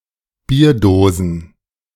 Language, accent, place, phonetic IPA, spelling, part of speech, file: German, Germany, Berlin, [ˈbiːɐ̯ˌdoːzn̩], Bierdosen, noun, De-Bierdosen.ogg
- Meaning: plural of Bierdose